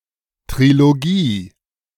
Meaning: trilogy
- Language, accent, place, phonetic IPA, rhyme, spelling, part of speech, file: German, Germany, Berlin, [tʁiloˈɡiː], -iː, Trilogie, noun, De-Trilogie.ogg